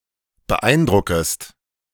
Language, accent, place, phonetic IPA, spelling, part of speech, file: German, Germany, Berlin, [bəˈʔaɪ̯nˌdʁʊkəst], beeindruckest, verb, De-beeindruckest.ogg
- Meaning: second-person singular subjunctive I of beeindrucken